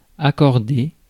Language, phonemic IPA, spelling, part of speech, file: French, /a.kɔʁ.de/, accordée, verb, Fr-accordée.ogg
- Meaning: feminine singular of accordé